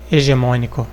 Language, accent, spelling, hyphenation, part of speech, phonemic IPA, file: Portuguese, Brazil, hegemônico, he‧ge‧mô‧ni‧co, adjective, /e.ʒeˈmõ.ni.ku/, Pt-br-hegemônico.ogg
- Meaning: Brazilian Portuguese standard spelling of hegemónico